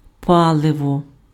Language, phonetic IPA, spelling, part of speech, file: Ukrainian, [ˈpaɫewɔ], паливо, noun, Uk-паливо.ogg
- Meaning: fuel